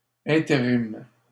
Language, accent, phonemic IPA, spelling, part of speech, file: French, Canada, /ɛ̃.te.ʁim/, intérim, noun, LL-Q150 (fra)-intérim.wav
- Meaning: interim